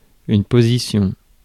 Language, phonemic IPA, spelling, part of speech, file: French, /po.zi.sjɔ̃/, position, noun, Fr-position.ogg
- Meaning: position